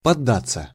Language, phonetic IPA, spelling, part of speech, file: Russian, [pɐˈdːat͡sːə], поддаться, verb, Ru-поддаться.ogg
- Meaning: 1. to yield to, to give in, to fall for, to cave in 2. to hold back (in a game), to intentionally let the opponent win or take the upper hand 3. passive of подда́ть (poddátʹ)